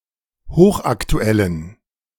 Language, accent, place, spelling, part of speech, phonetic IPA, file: German, Germany, Berlin, hochaktuellen, adjective, [ˈhoːxʔaktuˌɛlən], De-hochaktuellen.ogg
- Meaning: inflection of hochaktuell: 1. strong genitive masculine/neuter singular 2. weak/mixed genitive/dative all-gender singular 3. strong/weak/mixed accusative masculine singular 4. strong dative plural